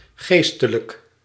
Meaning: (adjective) 1. mental, concerning the mind 2. spiritual 3. clerical; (adverb) 1. spiritually 2. mentally
- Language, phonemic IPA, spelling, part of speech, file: Dutch, /ˈɣestələk/, geestelijk, adjective, Nl-geestelijk.ogg